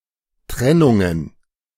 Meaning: plural of Trennung
- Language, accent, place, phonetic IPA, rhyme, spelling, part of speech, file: German, Germany, Berlin, [ˈtʁɛnʊŋən], -ɛnʊŋən, Trennungen, noun, De-Trennungen.ogg